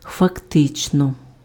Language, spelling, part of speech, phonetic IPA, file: Ukrainian, фактично, adverb, [fɐkˈtɪt͡ʃnɔ], Uk-фактично.ogg
- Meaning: 1. actually, in fact 2. factually